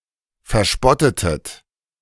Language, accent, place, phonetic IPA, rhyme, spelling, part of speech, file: German, Germany, Berlin, [fɛɐ̯ˈʃpɔtətət], -ɔtətət, verspottetet, verb, De-verspottetet.ogg
- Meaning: inflection of verspotten: 1. second-person plural preterite 2. second-person plural subjunctive II